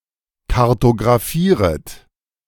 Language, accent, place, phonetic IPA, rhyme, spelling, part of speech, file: German, Germany, Berlin, [kaʁtoɡʁaˈfiːʁət], -iːʁət, kartographieret, verb, De-kartographieret.ogg
- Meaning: second-person plural subjunctive I of kartographieren